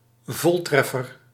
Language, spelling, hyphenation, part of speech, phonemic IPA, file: Dutch, voltreffer, vol‧tref‧fer, noun, /ˈvɔlˌtrɛ.fər/, Nl-voltreffer.ogg
- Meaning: something (usually a projectile or a shot) that hits its target; (by extension) a direct hit